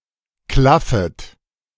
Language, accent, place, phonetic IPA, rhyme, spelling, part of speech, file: German, Germany, Berlin, [ˈklafət], -afət, klaffet, verb, De-klaffet.ogg
- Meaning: second-person plural subjunctive I of klaffen